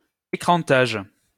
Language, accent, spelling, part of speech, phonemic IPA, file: French, France, écrantage, noun, /e.kʁɑ̃.taʒ/, LL-Q150 (fra)-écrantage.wav
- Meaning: screening (protection by means of a screen)